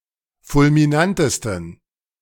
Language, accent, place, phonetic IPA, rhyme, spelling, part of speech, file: German, Germany, Berlin, [fʊlmiˈnantəstn̩], -antəstn̩, fulminantesten, adjective, De-fulminantesten.ogg
- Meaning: 1. superlative degree of fulminant 2. inflection of fulminant: strong genitive masculine/neuter singular superlative degree